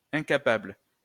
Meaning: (adjective) unable, incapable; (noun) incompetent (person)
- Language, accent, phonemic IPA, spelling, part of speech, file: French, France, /ɛ̃.ka.pabl/, incapable, adjective / noun, LL-Q150 (fra)-incapable.wav